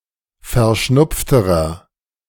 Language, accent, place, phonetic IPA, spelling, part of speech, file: German, Germany, Berlin, [fɛɐ̯ˈʃnʊp͡ftəʁɐ], verschnupfterer, adjective, De-verschnupfterer.ogg
- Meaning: inflection of verschnupft: 1. strong/mixed nominative masculine singular comparative degree 2. strong genitive/dative feminine singular comparative degree 3. strong genitive plural comparative degree